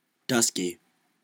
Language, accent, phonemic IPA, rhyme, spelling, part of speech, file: English, US, /ˈdʌs.ki/, -ʌski, dusky, adjective / noun, En-us-dusky.ogg
- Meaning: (adjective) 1. Dimly lit, as at dusk (evening) 2. Having a shade of color that is rather dark 3. Dark-skinned 4. Ashen; having a greyish skin coloration; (noun) 1. A dusky shark 2. A dusky dolphin